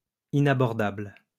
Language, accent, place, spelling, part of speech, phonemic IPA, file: French, France, Lyon, inabordable, adjective, /i.na.bɔʁ.dabl/, LL-Q150 (fra)-inabordable.wav
- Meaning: 1. inaccessible, unapproachable 2. extortionate, prohibitive